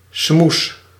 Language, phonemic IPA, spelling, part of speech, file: Dutch, /smus/, smoes, noun / verb, Nl-smoes.ogg
- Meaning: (noun) excuse, pretext; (verb) inflection of smoezen: 1. first-person singular present indicative 2. second-person singular present indicative 3. imperative